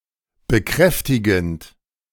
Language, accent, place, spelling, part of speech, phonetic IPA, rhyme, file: German, Germany, Berlin, bekräftigend, verb, [bəˈkʁɛftɪɡn̩t], -ɛftɪɡn̩t, De-bekräftigend.ogg
- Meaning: present participle of bekräftigen